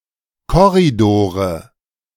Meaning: nominative/accusative/genitive plural of Korridor
- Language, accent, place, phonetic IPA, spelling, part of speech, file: German, Germany, Berlin, [ˈkɔʁidoːʁə], Korridore, noun, De-Korridore.ogg